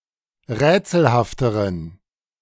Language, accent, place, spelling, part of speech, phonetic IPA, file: German, Germany, Berlin, rätselhafteren, adjective, [ˈʁɛːt͡sl̩haftəʁən], De-rätselhafteren.ogg
- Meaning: inflection of rätselhaft: 1. strong genitive masculine/neuter singular comparative degree 2. weak/mixed genitive/dative all-gender singular comparative degree